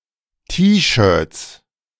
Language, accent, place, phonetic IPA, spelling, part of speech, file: German, Germany, Berlin, [tiːˌʃœːɐ̯t͡s], T-Shirts, noun, De-T-Shirts.ogg
- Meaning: 1. plural of T-Shirt 2. genitive singular of T-Shirt